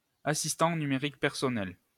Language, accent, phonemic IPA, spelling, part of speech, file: French, France, /a.sis.tɑ̃ ny.me.ʁik pɛʁ.sɔ.nɛl/, assistant numérique personnel, noun, LL-Q150 (fra)-assistant numérique personnel.wav
- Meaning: personal digital assistant